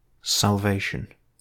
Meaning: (noun) 1. The process of being saved, the state of having been saved (from hell) 2. The act of saving, rescuing (in any context), providing needed safety or liberation; something that does this
- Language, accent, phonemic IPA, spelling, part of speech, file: English, UK, /sælˈveɪ.ʃn̩/, salvation, noun / verb, En-GB-salvation.ogg